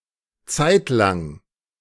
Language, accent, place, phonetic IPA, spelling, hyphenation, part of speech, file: German, Germany, Berlin, [ˈt͡saɪ̯tlaŋ], Zeitlang, Zeit‧lang, noun, De-Zeitlang.ogg
- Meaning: while